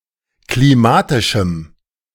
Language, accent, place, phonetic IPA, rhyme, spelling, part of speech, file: German, Germany, Berlin, [kliˈmaːtɪʃm̩], -aːtɪʃm̩, klimatischem, adjective, De-klimatischem.ogg
- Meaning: strong dative masculine/neuter singular of klimatisch